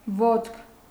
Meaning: 1. foot 2. leg
- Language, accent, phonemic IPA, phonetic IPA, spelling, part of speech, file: Armenian, Eastern Armenian, /votkʰ/, [votkʰ], ոտք, noun, Hy-ոտք.ogg